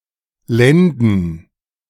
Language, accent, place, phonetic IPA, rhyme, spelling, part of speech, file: German, Germany, Berlin, [ˈlɛndn̩], -ɛndn̩, Lenden, noun, De-Lenden.ogg
- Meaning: plural of Lende